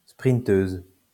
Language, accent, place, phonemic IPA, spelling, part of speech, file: French, France, Lyon, /spʁin.tøz/, sprinteuse, noun, LL-Q150 (fra)-sprinteuse.wav
- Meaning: female equivalent of sprinteur